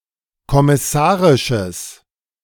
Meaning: strong/mixed nominative/accusative neuter singular of kommissarisch
- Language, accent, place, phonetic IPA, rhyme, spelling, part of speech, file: German, Germany, Berlin, [kɔmɪˈsaːʁɪʃəs], -aːʁɪʃəs, kommissarisches, adjective, De-kommissarisches.ogg